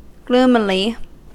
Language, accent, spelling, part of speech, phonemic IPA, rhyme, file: English, US, gloomily, adverb, /ˈɡluːmɪli/, -uːmɪli, En-us-gloomily.ogg
- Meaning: In a gloomy manner